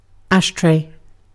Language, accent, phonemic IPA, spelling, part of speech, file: English, UK, /ˈæʃ.tɹeɪ/, ashtray, noun / verb, En-uk-ashtray.ogg
- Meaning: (noun) A receptacle for ash and butts from cigarettes and cigars; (verb) To use an ashtray